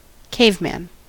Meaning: 1. An early human or closely related species, popularly held to reside in caves 2. A person with backward, primitive behavior, opinions, or interests
- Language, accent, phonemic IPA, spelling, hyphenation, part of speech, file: English, US, /ˈkeɪvˌmæn/, caveman, cave‧man, noun, En-us-caveman.ogg